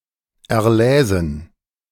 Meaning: first-person plural subjunctive II of erlesen
- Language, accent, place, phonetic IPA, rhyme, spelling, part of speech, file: German, Germany, Berlin, [ɛɐ̯ˈlɛːzn̩], -ɛːzn̩, erläsen, verb, De-erläsen.ogg